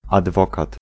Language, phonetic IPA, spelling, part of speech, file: Polish, [adˈvɔkat], adwokat, noun, Pl-adwokat.ogg